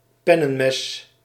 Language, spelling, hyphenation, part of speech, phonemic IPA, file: Dutch, pennenmes, pen‧nen‧mes, noun, /ˈpɛnə(n)mɛs/, Nl-pennenmes.ogg
- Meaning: penknife, small pocketknife